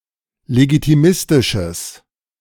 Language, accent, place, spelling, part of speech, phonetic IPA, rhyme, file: German, Germany, Berlin, legitimistisches, adjective, [leɡitiˈmɪstɪʃəs], -ɪstɪʃəs, De-legitimistisches.ogg
- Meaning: strong/mixed nominative/accusative neuter singular of legitimistisch